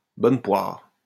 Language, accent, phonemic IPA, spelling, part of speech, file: French, France, /bɔn pwaʁ/, bonne poire, noun, LL-Q150 (fra)-bonne poire.wav
- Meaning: a sucker